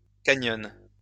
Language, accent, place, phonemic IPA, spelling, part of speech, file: French, France, Lyon, /ka.ɲɔ̃/, canyons, noun, LL-Q150 (fra)-canyons.wav
- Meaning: plural of canyon